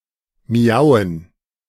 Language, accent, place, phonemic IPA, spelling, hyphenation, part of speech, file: German, Germany, Berlin, /ˈmi̯aʊ̯ən/, miauen, mi‧au‧en, verb, De-miauen.ogg
- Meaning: to meow